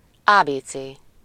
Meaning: 1. alphabet (an ordered set of letters used in a language) 2. convenience store
- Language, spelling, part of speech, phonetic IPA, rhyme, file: Hungarian, ábécé, noun, [ˈaːbeːt͡seː], -t͡seː, Hu-ábécé.ogg